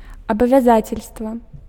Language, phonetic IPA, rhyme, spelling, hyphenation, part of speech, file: Belarusian, [abavʲaˈzat͡sʲelʲstva], -at͡sʲelʲstva, абавязацельства, аба‧вя‧за‧цель‧ства, noun, Be-абавязацельства.ogg
- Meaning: commitment, obligation (a promise or contract requiring binding performance from the person who makes it)